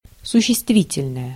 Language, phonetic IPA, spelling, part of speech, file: Russian, [sʊɕːɪstˈvʲitʲɪlʲnəjə], существительное, noun / adjective, Ru-существительное.ogg
- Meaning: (noun) noun, substantive; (adjective) neuter singular nominative/accusative of существи́тельный (suščestvítelʹnyj)